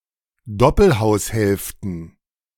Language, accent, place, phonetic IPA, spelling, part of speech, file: German, Germany, Berlin, [ˈdɔpl̩haʊ̯sˌhɛlftn̩], Doppelhaushälften, noun, De-Doppelhaushälften.ogg
- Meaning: plural of Doppelhaushälfte